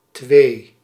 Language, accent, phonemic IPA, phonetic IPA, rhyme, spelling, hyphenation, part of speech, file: Dutch, Netherlands, /tʋeː/, [tʋeɪ̯], -eː, twee, twee, numeral / noun, Nl-twee.ogg
- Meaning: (numeral) two